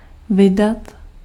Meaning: 1. to publish (to issue a publication), to release 2. to spend, to expend 3. to set off
- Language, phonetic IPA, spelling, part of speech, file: Czech, [ˈvɪdat], vydat, verb, Cs-vydat.ogg